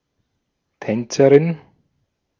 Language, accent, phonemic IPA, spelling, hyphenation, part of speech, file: German, Austria, /ˈtɛnt͡səʁɪn/, Tänzerin, Tän‧ze‧rin, noun, De-at-Tänzerin.ogg
- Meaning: female dancer